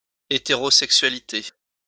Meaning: heterosexuality
- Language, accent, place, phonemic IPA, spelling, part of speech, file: French, France, Lyon, /e.te.ʁo.sɛk.sɥa.li.te/, hétérosexualité, noun, LL-Q150 (fra)-hétérosexualité.wav